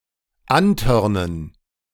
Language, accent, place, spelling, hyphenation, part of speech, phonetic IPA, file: German, Germany, Berlin, antörnen, an‧tör‧nen, verb, [ˈanˌtœʁnən], De-antörnen.ogg
- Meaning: to turn on, to arouse